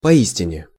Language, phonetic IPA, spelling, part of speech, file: Russian, [pɐˈisʲtʲɪnʲe], поистине, adverb, Ru-поистине.ogg
- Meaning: truly, indeed, in truth